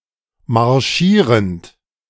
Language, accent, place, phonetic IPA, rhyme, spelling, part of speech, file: German, Germany, Berlin, [maʁˈʃiːʁənt], -iːʁənt, marschierend, verb, De-marschierend.ogg
- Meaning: present participle of marschieren